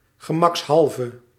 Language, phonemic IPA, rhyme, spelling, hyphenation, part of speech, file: Dutch, /ɣəˌmɑksˈɦɑl.və/, -ɑlvə, gemakshalve, ge‧maks‧hal‧ve, adverb, Nl-gemakshalve.ogg
- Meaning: for the sake of convenience